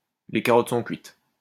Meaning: the goose is cooked, the writing is on the wall, the game is up, it's all up, it's over
- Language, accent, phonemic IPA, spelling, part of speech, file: French, France, /le ka.ʁɔt sɔ̃ kɥit/, les carottes sont cuites, phrase, LL-Q150 (fra)-les carottes sont cuites.wav